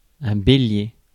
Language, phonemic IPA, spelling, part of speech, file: French, /be.lje/, bélier, noun, Fr-bélier.ogg
- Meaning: 1. ram (sheep) 2. battering ram